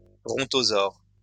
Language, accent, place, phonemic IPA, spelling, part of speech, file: French, France, Lyon, /bʁɔ̃.tɔ.zɔʁ/, brontosaure, noun, LL-Q150 (fra)-brontosaure.wav
- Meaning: brontosaur